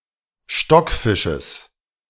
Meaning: genitive singular of Stockfisch
- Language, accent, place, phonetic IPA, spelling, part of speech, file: German, Germany, Berlin, [ˈʃtɔkˌfɪʃəs], Stockfisches, noun, De-Stockfisches.ogg